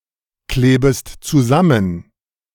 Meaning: second-person singular subjunctive I of zusammenkleben
- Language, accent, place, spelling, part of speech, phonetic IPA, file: German, Germany, Berlin, klebest zusammen, verb, [ˌkleːbəst t͡suˈzamən], De-klebest zusammen.ogg